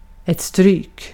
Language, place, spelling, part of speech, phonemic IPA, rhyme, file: Swedish, Gotland, stryk, noun / verb, /stryːk/, -yːk, Sv-stryk.ogg
- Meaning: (noun) a beating (whether by violence or in sports); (verb) imperative of stryka